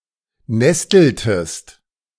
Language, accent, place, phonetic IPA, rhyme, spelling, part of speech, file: German, Germany, Berlin, [ˈnɛstl̩təst], -ɛstl̩təst, nesteltest, verb, De-nesteltest.ogg
- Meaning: inflection of nesteln: 1. second-person singular preterite 2. second-person singular subjunctive II